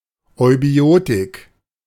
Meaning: eubiotics (science of hygienic and healthy living)
- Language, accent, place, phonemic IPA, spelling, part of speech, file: German, Germany, Berlin, /ɔɪ̯ˈbi̯oːtɪk/, Eubiotik, noun, De-Eubiotik.ogg